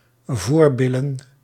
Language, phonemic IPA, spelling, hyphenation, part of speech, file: Dutch, /ˈvoːrˌbɪ.lə(n)/, voorbillen, voor‧bil‧len, noun, Nl-voorbillen.ogg
- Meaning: vulva, vagina; front bottom